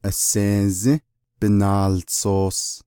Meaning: newspaper
- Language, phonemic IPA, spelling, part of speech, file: Navajo, /ʔɑ̀sèːzĩ́ bɪ̀nɑ̀ːlt͡sòːs/, aseezį́ binaaltsoos, noun, Nv-aseezį́ binaaltsoos.ogg